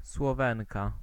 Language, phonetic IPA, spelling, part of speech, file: Polish, [swɔˈvɛ̃ŋka], Słowenka, proper noun, Pl-Słowenka.ogg